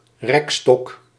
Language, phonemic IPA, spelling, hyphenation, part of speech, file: Dutch, /ˈrɛk.stɔk/, rekstok, rek‧stok, noun, Nl-rekstok.ogg
- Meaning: horizontal bar